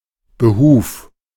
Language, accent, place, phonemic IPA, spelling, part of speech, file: German, Germany, Berlin, /bəˈhuːf/, Behuf, noun, De-Behuf.ogg
- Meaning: purpose, aim